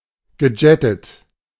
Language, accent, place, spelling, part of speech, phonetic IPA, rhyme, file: German, Germany, Berlin, gejettet, verb, [ɡəˈd͡ʒɛtət], -ɛtət, De-gejettet.ogg
- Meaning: past participle of jetten